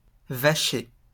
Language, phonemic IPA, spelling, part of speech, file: French, /va.ʃe/, vacher, noun / adjective, LL-Q150 (fra)-vacher.wav
- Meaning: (noun) cowherd; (adjective) cow